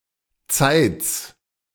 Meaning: a town in Saxony-Anhalt, Germany
- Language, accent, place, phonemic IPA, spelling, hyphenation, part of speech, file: German, Germany, Berlin, /t͡saɪ̯t͡s/, Zeitz, Zeitz, proper noun, De-Zeitz.ogg